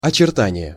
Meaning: outline (line marking the boundary of an object figure)
- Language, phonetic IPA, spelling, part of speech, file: Russian, [ɐt͡ɕɪrˈtanʲɪje], очертание, noun, Ru-очертание.ogg